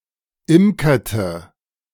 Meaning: inflection of imkern: 1. first/third-person singular preterite 2. first/third-person singular subjunctive II
- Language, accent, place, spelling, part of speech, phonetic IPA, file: German, Germany, Berlin, imkerte, verb, [ˈɪmkɐtə], De-imkerte.ogg